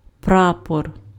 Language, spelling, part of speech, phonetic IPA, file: Ukrainian, прапор, noun, [ˈprapɔr], Uk-прапор.ogg
- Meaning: flag